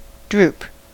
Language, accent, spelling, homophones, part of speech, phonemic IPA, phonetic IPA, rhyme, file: English, US, droop, drupe, verb / noun / adjective, /ˈdɹuːp/, [ˈdɹʊu̯p], -uːp, En-us-droop.ogg
- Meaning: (verb) 1. To hang downward; to sag 2. To slowly become limp; to bend gradually 3. To lose all energy, enthusiasm or happiness; to flag 4. To allow to droop or sink